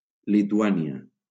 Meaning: Lithuania (a country in northeastern Europe)
- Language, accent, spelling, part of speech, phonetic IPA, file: Catalan, Valencia, Lituània, proper noun, [li.tuˈa.ni.a], LL-Q7026 (cat)-Lituània.wav